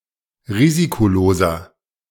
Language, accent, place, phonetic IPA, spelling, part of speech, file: German, Germany, Berlin, [ˈʁiːzikoˌloːzɐ], risikoloser, adjective, De-risikoloser.ogg
- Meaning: 1. comparative degree of risikolos 2. inflection of risikolos: strong/mixed nominative masculine singular 3. inflection of risikolos: strong genitive/dative feminine singular